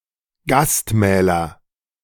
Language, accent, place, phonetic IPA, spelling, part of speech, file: German, Germany, Berlin, [ˈɡastˌmɛːlɐ], Gastmähler, noun, De-Gastmähler.ogg
- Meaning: nominative/accusative/genitive plural of Gastmahl